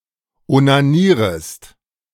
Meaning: second-person singular subjunctive I of onanieren
- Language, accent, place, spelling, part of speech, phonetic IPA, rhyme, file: German, Germany, Berlin, onanierest, verb, [onaˈniːʁəst], -iːʁəst, De-onanierest.ogg